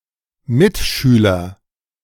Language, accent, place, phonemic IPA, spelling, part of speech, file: German, Germany, Berlin, /ˈmɪtˌʃyːlɐ/, Mitschüler, noun, De-Mitschüler.ogg
- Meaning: 1. schoolmate (person one attends or attended school with) 2. classmate (person who is or was in one's class/form)